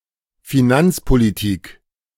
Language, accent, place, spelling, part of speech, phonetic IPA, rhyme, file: German, Germany, Berlin, Finanzpolitik, noun, [fiˈnant͡spoliˌtiːk], -ant͡spolitiːk, De-Finanzpolitik.ogg
- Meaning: financial / fiscal policy